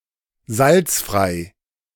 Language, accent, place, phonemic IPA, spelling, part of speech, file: German, Germany, Berlin, /ˈzalt͡sfʁaɪ̯/, salzfrei, adjective, De-salzfrei.ogg
- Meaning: saltfree